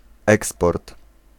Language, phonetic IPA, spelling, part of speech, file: Polish, [ˈɛkspɔrt], eksport, noun, Pl-eksport.ogg